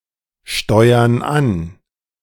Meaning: inflection of ansteuern: 1. first/third-person plural present 2. first/third-person plural subjunctive I
- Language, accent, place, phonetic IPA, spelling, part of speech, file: German, Germany, Berlin, [ˌʃtɔɪ̯ɐn ˈan], steuern an, verb, De-steuern an.ogg